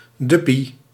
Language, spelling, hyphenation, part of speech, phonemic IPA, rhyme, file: Dutch, duppie, dup‧pie, noun, /ˈdʏ.pi/, -ʏpi, Nl-duppie.ogg
- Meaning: dubbeltje